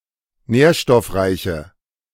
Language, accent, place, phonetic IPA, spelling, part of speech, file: German, Germany, Berlin, [ˈnɛːɐ̯ʃtɔfˌʁaɪ̯çə], nährstoffreiche, adjective, De-nährstoffreiche.ogg
- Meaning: inflection of nährstoffreich: 1. strong/mixed nominative/accusative feminine singular 2. strong nominative/accusative plural 3. weak nominative all-gender singular